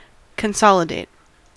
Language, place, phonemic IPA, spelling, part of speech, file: English, California, /kənˈsɑ.lə.deɪt/, consolidate, verb / adjective, En-us-consolidate.ogg
- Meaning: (verb) 1. To combine into a single unit; to group together or join 2. To make stronger or more solid 3. With respect to debt, to pay off several debts with a single loan